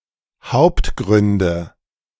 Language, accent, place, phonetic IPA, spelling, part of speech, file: German, Germany, Berlin, [ˈhaʊ̯ptˌɡʁʏndə], Hauptgründe, noun, De-Hauptgründe.ogg
- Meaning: nominative/accusative/genitive plural of Hauptgrund